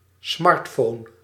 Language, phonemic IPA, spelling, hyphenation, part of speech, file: Dutch, /ˈsmɑrt.foːn/, smartphone, smart‧phone, noun, Nl-smartphone.ogg
- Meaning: smartphone